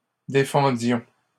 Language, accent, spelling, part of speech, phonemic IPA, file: French, Canada, défendions, verb, /de.fɑ̃.djɔ̃/, LL-Q150 (fra)-défendions.wav
- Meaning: inflection of défendre: 1. first-person plural imperfect indicative 2. first-person plural present subjunctive